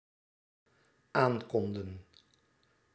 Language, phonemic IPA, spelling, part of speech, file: Dutch, /ˈaŋkɔndə(n)/, aankonden, verb, Nl-aankonden.ogg
- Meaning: inflection of aankunnen: 1. plural dependent-clause past indicative 2. plural dependent-clause past subjunctive